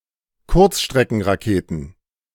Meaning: plural of Kurzstreckenrakete
- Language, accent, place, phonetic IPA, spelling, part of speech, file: German, Germany, Berlin, [ˈkʊʁt͡sʃtʁɛkn̩ʁaˌkeːtn̩], Kurzstreckenraketen, noun, De-Kurzstreckenraketen.ogg